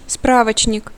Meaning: 1. reference book (book providing factual information) 2. manual, handbook 3. telephone directory
- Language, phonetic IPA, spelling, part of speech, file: Russian, [ˈspravət͡ɕnʲɪk], справочник, noun, Ru-справочник.ogg